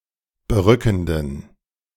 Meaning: inflection of berückend: 1. strong genitive masculine/neuter singular 2. weak/mixed genitive/dative all-gender singular 3. strong/weak/mixed accusative masculine singular 4. strong dative plural
- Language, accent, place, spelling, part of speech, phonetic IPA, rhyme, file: German, Germany, Berlin, berückenden, adjective, [bəˈʁʏkn̩dən], -ʏkn̩dən, De-berückenden.ogg